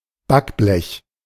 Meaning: baking tray (oven-proof tray)
- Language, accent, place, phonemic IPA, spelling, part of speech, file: German, Germany, Berlin, /ˈbakblɛç/, Backblech, noun, De-Backblech.ogg